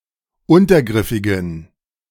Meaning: inflection of untergriffig: 1. strong genitive masculine/neuter singular 2. weak/mixed genitive/dative all-gender singular 3. strong/weak/mixed accusative masculine singular 4. strong dative plural
- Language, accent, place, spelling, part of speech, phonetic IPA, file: German, Germany, Berlin, untergriffigen, adjective, [ˈʊntɐˌɡʁɪfɪɡn̩], De-untergriffigen.ogg